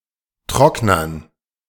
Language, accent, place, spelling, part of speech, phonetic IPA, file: German, Germany, Berlin, Trocknern, noun, [ˈtʁɔknɐn], De-Trocknern.ogg
- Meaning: dative plural of Trockner